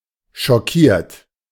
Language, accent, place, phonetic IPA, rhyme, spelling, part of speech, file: German, Germany, Berlin, [ʃɔˈkiːɐ̯t], -iːɐ̯t, schockiert, verb, De-schockiert.ogg
- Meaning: 1. past participle of schockieren 2. inflection of schockieren: third-person singular present 3. inflection of schockieren: second-person plural present 4. inflection of schockieren: plural imperative